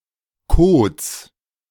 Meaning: plural of Kode
- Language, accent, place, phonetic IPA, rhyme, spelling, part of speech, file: German, Germany, Berlin, [koːt͡s], -oːt͡s, Kodes, noun, De-Kodes.ogg